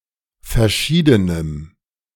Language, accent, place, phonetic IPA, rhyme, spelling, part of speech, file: German, Germany, Berlin, [fɛɐ̯ˈʃiːdənəm], -iːdənəm, verschiedenem, adjective, De-verschiedenem.ogg
- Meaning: strong dative masculine/neuter singular of verschieden